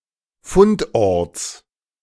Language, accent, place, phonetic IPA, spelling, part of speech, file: German, Germany, Berlin, [ˈfʊntˌʔɔʁt͡s], Fundorts, noun, De-Fundorts.ogg
- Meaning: genitive singular of Fundort